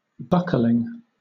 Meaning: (noun) 1. The act of fastening a buckle 2. A folding into hills and valleys
- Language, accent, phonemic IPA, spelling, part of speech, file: English, Southern England, /ˈbʌk.əl.ɪŋ/, buckling, noun / adjective / verb, LL-Q1860 (eng)-buckling.wav